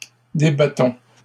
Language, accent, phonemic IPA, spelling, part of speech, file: French, Canada, /de.ba.tɔ̃/, débattons, verb, LL-Q150 (fra)-débattons.wav
- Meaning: inflection of débattre: 1. first-person plural present indicative 2. first-person plural imperative